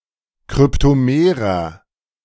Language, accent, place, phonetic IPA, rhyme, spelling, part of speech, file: German, Germany, Berlin, [kʁʏptoˈmeːʁɐ], -eːʁɐ, kryptomerer, adjective, De-kryptomerer.ogg
- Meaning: inflection of kryptomer: 1. strong/mixed nominative masculine singular 2. strong genitive/dative feminine singular 3. strong genitive plural